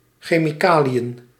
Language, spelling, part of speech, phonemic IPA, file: Dutch, chemicaliën, noun, /xemiˈkalijə(n)/, Nl-chemicaliën.ogg
- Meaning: plural of chemicalie